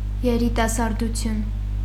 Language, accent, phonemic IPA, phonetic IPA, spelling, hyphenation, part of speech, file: Armenian, Eastern Armenian, /jeɾitɑsɑɾduˈtʰjun/, [jeɾitɑsɑɾdut͡sʰjún], երիտասարդություն, ե‧րի‧տա‧սար‧դու‧թյուն, noun, Hy-երիտասարդություն.ogg
- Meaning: 1. youth (the quality or state of being young) 2. youth, young people, the young ones